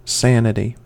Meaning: 1. The condition of being sane 2. Reasonable and rational behaviour
- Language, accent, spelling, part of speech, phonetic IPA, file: English, US, sanity, noun, [ˈsɛən.ə.ɾi], En-us-sanity.ogg